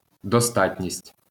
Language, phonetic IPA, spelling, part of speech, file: Ukrainian, [dɔˈstatʲnʲisʲtʲ], достатність, noun, LL-Q8798 (ukr)-достатність.wav
- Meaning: sufficiency, adequacy